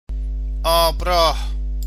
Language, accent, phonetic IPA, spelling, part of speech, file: Persian, Iran, [ʔɒːb.ɹɒ́ːʰ], آب‌راه, noun, Fa-آبراه.ogg
- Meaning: canal (waterway used for transportation of vessels)